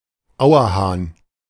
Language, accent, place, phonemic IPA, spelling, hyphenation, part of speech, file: German, Germany, Berlin, /ˈaʊ̯ɐˌhaːn/, Auerhahn, Au‧er‧hahn, noun, De-Auerhahn.ogg
- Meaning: male capercaillie or wood grouse (Tetrao urogallus)